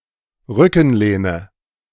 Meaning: backrest
- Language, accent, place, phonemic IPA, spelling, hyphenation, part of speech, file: German, Germany, Berlin, /ˈʁʏkn̩ˌleːnə/, Rückenlehne, Rü‧cken‧leh‧ne, noun, De-Rückenlehne.ogg